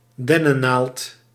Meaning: a pine needle (leaf of a pine tree)
- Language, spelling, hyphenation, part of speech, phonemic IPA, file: Dutch, dennennaald, den‧nen‧naald, noun, /ˈdɛ.nəˌnaːlt/, Nl-dennennaald.ogg